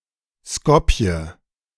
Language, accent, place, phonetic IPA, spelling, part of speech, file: German, Germany, Berlin, [ˈskɔpjɛ], Skopje, proper noun, De-Skopje.ogg
- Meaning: Skopje (the capital city of North Macedonia)